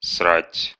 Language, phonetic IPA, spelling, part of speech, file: Russian, [sratʲ], срать, verb, Ru-срать.ogg
- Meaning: to shit (to defecate)